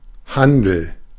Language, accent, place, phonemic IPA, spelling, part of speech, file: German, Germany, Berlin, /ˈhandl̩/, Handel, noun, De-Handel.ogg
- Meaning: 1. deal 2. trade, trading